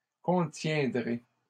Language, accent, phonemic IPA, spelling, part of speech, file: French, Canada, /kɔ̃.tjɛ̃.dʁe/, contiendrai, verb, LL-Q150 (fra)-contiendrai.wav
- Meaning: first-person singular future of contenir